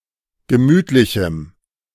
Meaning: strong dative masculine/neuter singular of gemütlich
- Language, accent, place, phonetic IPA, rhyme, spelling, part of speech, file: German, Germany, Berlin, [ɡəˈmyːtlɪçm̩], -yːtlɪçm̩, gemütlichem, adjective, De-gemütlichem.ogg